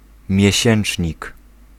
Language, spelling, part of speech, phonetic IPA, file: Polish, miesięcznik, noun, [mʲjɛ̇ˈɕɛ̃n͇t͡ʃʲɲik], Pl-miesięcznik.ogg